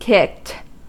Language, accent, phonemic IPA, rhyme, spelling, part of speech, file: English, US, /kɪkt/, -ɪkt, kicked, verb / adjective, En-us-kicked.ogg
- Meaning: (verb) simple past and past participle of kick; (adjective) Empty with nothing left to smoke but ash